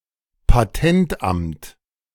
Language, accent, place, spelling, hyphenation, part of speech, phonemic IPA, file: German, Germany, Berlin, Patentamt, Pa‧tent‧amt, noun, /paˈtɛntˌʔamt/, De-Patentamt.ogg
- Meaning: patent office